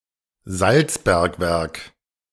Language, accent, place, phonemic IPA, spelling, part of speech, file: German, Germany, Berlin, /ˈzalt͡sˌbɛɐ̯kvɛɐ̯k/, Salzbergwerk, noun, De-Salzbergwerk.ogg
- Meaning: salt mine